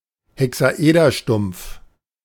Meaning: truncated cube, truncated hexahedron
- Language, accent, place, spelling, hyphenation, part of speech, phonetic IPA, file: German, Germany, Berlin, Hexaederstumpf, He‧xa‧eder‧stumpf, noun, [heksaˈʔeːdɐˌʃtʊm(p)f], De-Hexaederstumpf.ogg